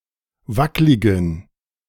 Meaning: inflection of wacklig: 1. strong genitive masculine/neuter singular 2. weak/mixed genitive/dative all-gender singular 3. strong/weak/mixed accusative masculine singular 4. strong dative plural
- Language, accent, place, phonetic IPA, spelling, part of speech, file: German, Germany, Berlin, [ˈvaklɪɡn̩], wackligen, adjective, De-wackligen.ogg